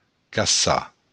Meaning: 1. to hunt 2. to search; to look for
- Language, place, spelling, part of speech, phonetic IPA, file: Occitan, Béarn, caçar, verb, [kaˈsa], LL-Q14185 (oci)-caçar.wav